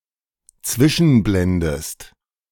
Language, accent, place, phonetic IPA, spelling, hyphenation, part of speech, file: German, Germany, Berlin, [ˈt͡svɪʃn̩ˌblɛndn̩], zwischenblenden, zwi‧schen‧blen‧den, verb, De-zwischenblenden.ogg
- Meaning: to transition (i.e. between slides, scenes, etc.)